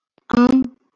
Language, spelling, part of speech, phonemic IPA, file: Marathi, अं, character, /əm/, LL-Q1571 (mar)-अं.wav
- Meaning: The twelfth vowel in Marathi